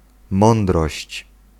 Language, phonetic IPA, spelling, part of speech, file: Polish, [ˈmɔ̃ndrɔɕt͡ɕ], mądrość, noun, Pl-mądrość.ogg